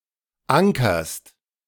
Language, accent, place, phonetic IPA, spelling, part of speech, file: German, Germany, Berlin, [ˈaŋkɐst], ankerst, verb, De-ankerst.ogg
- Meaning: second-person singular present of ankern